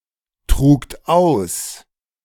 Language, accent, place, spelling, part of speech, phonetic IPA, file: German, Germany, Berlin, trugt aus, verb, [ˌtʁuːkt ˈaʊ̯s], De-trugt aus.ogg
- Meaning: second-person plural preterite of austragen